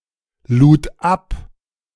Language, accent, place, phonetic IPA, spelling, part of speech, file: German, Germany, Berlin, [ˌluːt ˈap], lud ab, verb, De-lud ab.ogg
- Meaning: first/third-person singular preterite of abladen